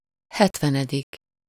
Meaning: seventieth
- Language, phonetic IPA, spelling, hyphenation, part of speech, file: Hungarian, [ˈhɛtvɛnɛdik], hetvenedik, het‧ve‧ne‧dik, numeral, Hu-hetvenedik.ogg